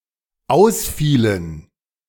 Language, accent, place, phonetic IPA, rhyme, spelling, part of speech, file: German, Germany, Berlin, [ˈaʊ̯sˌfiːlən], -aʊ̯sfiːlən, ausfielen, verb, De-ausfielen.ogg
- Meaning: inflection of ausfallen: 1. first/third-person plural dependent preterite 2. first/third-person plural dependent subjunctive II